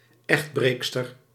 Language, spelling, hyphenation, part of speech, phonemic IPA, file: Dutch, echtbreekster, echt‧breek‧ster, noun, /ˈɛxtˌbreːk.stər/, Nl-echtbreekster.ogg
- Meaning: 1. a female adulterer, adulteress (a woman who breaks her marital bond) 2. a female homewrecker